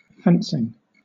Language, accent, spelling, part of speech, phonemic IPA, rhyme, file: English, Southern England, fencing, noun / verb, /ˈfɛnsɪŋ/, -ɛnsɪŋ, LL-Q1860 (eng)-fencing.wav
- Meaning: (noun) The art or sport of duelling with swords, especially with the 17th- to 18th-century European dueling swords and the practice weapons descended from them (sport fencing)